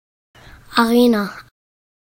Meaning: 1. arena (sand-covered centre of an amphitheatre in Antiquity) 2. arena (a sports or concert hall, stadium)
- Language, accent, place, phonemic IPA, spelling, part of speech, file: German, Germany, Berlin, /aˈʁeːna/, Arena, noun, De-Arena.ogg